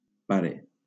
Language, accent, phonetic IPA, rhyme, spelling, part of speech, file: Catalan, Valencia, [ˈpa.ɾe], -aɾe, pare, noun, LL-Q7026 (cat)-pare.wav
- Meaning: father